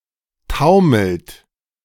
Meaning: inflection of taumeln: 1. second-person plural present 2. third-person singular present 3. plural imperative
- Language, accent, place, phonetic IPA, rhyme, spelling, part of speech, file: German, Germany, Berlin, [ˈtaʊ̯ml̩t], -aʊ̯ml̩t, taumelt, verb, De-taumelt.ogg